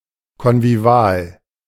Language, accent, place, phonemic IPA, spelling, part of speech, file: German, Germany, Berlin, /kɔnviˈvi̯aːl/, konvivial, adjective, De-konvivial.ogg
- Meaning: convivial